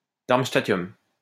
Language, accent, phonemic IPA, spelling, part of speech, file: French, France, /daʁm.sta.tjɔm/, darmstadtium, noun, LL-Q150 (fra)-darmstadtium.wav
- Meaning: darmstadtium